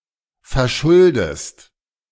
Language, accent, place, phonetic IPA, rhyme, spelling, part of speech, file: German, Germany, Berlin, [fɛɐ̯ˈʃʊldəst], -ʊldəst, verschuldest, verb, De-verschuldest.ogg
- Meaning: inflection of verschulden: 1. second-person singular present 2. second-person singular subjunctive I